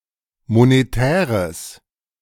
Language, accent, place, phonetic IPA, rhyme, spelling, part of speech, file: German, Germany, Berlin, [moneˈtɛːʁəs], -ɛːʁəs, monetäres, adjective, De-monetäres.ogg
- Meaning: strong/mixed nominative/accusative neuter singular of monetär